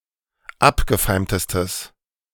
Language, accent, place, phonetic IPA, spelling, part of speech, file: German, Germany, Berlin, [ˈapɡəˌfaɪ̯mtəstəs], abgefeimtestes, adjective, De-abgefeimtestes.ogg
- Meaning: strong/mixed nominative/accusative neuter singular superlative degree of abgefeimt